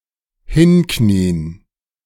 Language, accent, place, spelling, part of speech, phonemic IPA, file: German, Germany, Berlin, hinknien, verb, /ˈhɪnˌkniːən/, De-hinknien.ogg
- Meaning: to kneel down